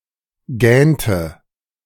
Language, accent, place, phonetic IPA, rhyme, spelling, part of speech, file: German, Germany, Berlin, [ˈɡɛːntə], -ɛːntə, gähnte, verb, De-gähnte.ogg
- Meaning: inflection of gähnen: 1. first/third-person singular preterite 2. first/third-person singular subjunctive II